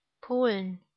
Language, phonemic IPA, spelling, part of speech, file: German, /ˈpoːlən/, Polen, proper noun / noun, De-Polen.ogg
- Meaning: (proper noun) Poland (a country in Central Europe); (noun) inflection of Pole: 1. genitive/dative/accusative singular 2. nominative/genitive/dative/accusative plural